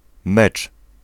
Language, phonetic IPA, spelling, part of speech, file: Polish, [mɛt͡ʃ], mecz, noun / verb, Pl-mecz.ogg